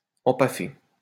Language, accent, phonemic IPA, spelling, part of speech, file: French, France, /ɑ̃.pa.fe/, empaffer, verb, LL-Q150 (fra)-empaffer.wav
- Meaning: to bugger, to ass-fuck